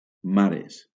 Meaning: plural of mare
- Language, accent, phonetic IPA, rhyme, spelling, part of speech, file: Catalan, Valencia, [ˈma.ɾes], -aɾes, mares, noun, LL-Q7026 (cat)-mares.wav